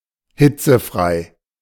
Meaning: 1. excused from school because of excessively high temperatures 2. heatless, free from heat
- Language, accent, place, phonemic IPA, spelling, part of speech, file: German, Germany, Berlin, /ˈhɪt͡səˌfʁaɪ̯/, hitzefrei, adjective, De-hitzefrei.ogg